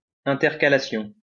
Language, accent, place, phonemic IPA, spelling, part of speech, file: French, France, Lyon, /ɛ̃.tɛʁ.ka.la.sjɔ̃/, intercalation, noun, LL-Q150 (fra)-intercalation.wav
- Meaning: intercalation